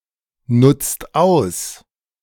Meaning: 1. inflection of ausnutzen 2. inflection of ausnutzen: second-person plural present 3. inflection of ausnutzen: third-person singular present 4. inflection of ausnutzen: plural imperative
- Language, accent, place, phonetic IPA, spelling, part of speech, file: German, Germany, Berlin, [ˌnʊt͡st ˈaʊ̯s], nutzt aus, verb, De-nutzt aus.ogg